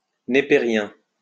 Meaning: Napierian
- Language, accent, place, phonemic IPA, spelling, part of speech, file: French, France, Lyon, /ne.pe.ʁjɛ̃/, népérien, adjective, LL-Q150 (fra)-népérien.wav